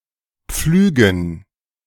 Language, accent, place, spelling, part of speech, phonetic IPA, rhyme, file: German, Germany, Berlin, Pflügen, noun, [ˈp͡flyːɡn̩], -yːɡn̩, De-Pflügen.ogg
- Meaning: dative plural of Pflug